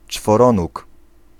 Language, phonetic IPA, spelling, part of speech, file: Polish, [t͡ʃfɔˈrɔ̃nuk], czworonóg, noun, Pl-czworonóg.ogg